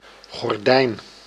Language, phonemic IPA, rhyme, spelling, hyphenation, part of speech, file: Dutch, /ɣɔrˈdɛi̯n/, -ɛi̯n, gordijn, gor‧dijn, noun, Nl-gordijn.ogg
- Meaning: 1. curtain (piece of cloth covering a window) 2. net curtain